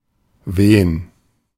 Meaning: 1. to blow (of wind, a storm, etc.) 2. to flutter, wave (in the wind); to fly (of a flag)
- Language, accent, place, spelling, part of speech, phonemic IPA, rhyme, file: German, Germany, Berlin, wehen, verb, /ˈveːən/, -eːən, De-wehen.ogg